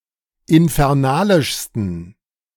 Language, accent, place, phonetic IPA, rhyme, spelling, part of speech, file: German, Germany, Berlin, [ɪnfɛʁˈnaːlɪʃstn̩], -aːlɪʃstn̩, infernalischsten, adjective, De-infernalischsten.ogg
- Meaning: 1. superlative degree of infernalisch 2. inflection of infernalisch: strong genitive masculine/neuter singular superlative degree